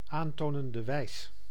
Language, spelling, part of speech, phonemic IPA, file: Dutch, aantonende wijs, noun, /aːn.toː.nən.də ˈʋɛi̯s/, Nl-aantonende wijs.ogg
- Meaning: indicative mood